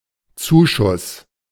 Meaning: allowance, benefit, subsidy, grant
- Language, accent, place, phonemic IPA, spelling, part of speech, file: German, Germany, Berlin, /ˈt͡suːˌʃʊs/, Zuschuss, noun, De-Zuschuss.ogg